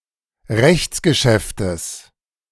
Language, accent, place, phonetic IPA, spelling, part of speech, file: German, Germany, Berlin, [ˈʁɛçt͡sɡəˌʃɛftəs], Rechtsgeschäftes, noun, De-Rechtsgeschäftes.ogg
- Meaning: genitive of Rechtsgeschäft